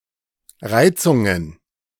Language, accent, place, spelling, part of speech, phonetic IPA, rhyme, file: German, Germany, Berlin, Reizungen, noun, [ˈʁaɪ̯t͡sʊŋən], -aɪ̯t͡sʊŋən, De-Reizungen.ogg
- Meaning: plural of Reizung